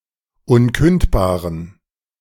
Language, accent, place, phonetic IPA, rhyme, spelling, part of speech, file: German, Germany, Berlin, [ˈʊnˌkʏntbaːʁən], -ʏntbaːʁən, unkündbaren, adjective, De-unkündbaren.ogg
- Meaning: inflection of unkündbar: 1. strong genitive masculine/neuter singular 2. weak/mixed genitive/dative all-gender singular 3. strong/weak/mixed accusative masculine singular 4. strong dative plural